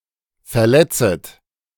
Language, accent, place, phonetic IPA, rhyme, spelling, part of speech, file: German, Germany, Berlin, [fɛɐ̯ˈlɛt͡sət], -ɛt͡sət, verletzet, verb, De-verletzet.ogg
- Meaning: second-person plural subjunctive I of verletzen